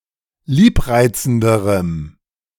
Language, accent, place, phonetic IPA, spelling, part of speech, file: German, Germany, Berlin, [ˈliːpˌʁaɪ̯t͡sn̩dəʁəm], liebreizenderem, adjective, De-liebreizenderem.ogg
- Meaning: strong dative masculine/neuter singular comparative degree of liebreizend